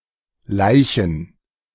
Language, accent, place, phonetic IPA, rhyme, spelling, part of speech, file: German, Germany, Berlin, [ˈlaɪ̯çn̩], -aɪ̯çn̩, Leichen, noun, De-Leichen.ogg
- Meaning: plural of Leiche